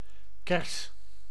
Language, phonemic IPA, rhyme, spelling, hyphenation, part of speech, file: Dutch, /kɛrs/, -ɛrs, kers, kers, noun, Nl-kers.ogg
- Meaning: 1. a cherry tree, one of certain trees of the genus Prunus, especially the subgenus Cerasus 2. a cherry, a stone fruit of a cherry tree